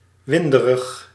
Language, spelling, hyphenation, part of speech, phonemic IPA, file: Dutch, winderig, win‧de‧rig, adjective, /ˈʋɪn.də.rəx/, Nl-winderig.ogg
- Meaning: 1. windy 2. flatulent